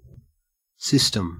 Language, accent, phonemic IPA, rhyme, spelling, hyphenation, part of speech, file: English, Australia, /ˈsɪstəm/, -ɪstəm, system, sys‧tem, noun, En-au-system.ogg
- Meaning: A group or set of related things that operate together as a complex whole